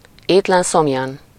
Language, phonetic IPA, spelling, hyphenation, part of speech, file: Hungarian, [ˈeːtlɛnsomjɒn], étlen-szomjan, ét‧len-‧szom‧jan, adverb, Hu-étlen-szomjan.ogg
- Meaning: without food or drink